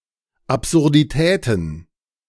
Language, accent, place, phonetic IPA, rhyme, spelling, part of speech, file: German, Germany, Berlin, [ˌapzʊʁdiˈtɛːtn̩], -ɛːtn̩, Absurditäten, noun, De-Absurditäten.ogg
- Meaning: plural of Absurdität